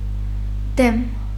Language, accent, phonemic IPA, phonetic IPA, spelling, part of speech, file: Armenian, Eastern Armenian, /dem/, [dem], դեմ, postposition / noun, Hy-դեմ.ogg
- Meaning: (postposition) 1. against 2. opposite, facing, against; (noun) the front part